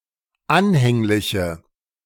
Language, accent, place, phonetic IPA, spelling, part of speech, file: German, Germany, Berlin, [ˈanhɛŋlɪçə], anhängliche, adjective, De-anhängliche.ogg
- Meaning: inflection of anhänglich: 1. strong/mixed nominative/accusative feminine singular 2. strong nominative/accusative plural 3. weak nominative all-gender singular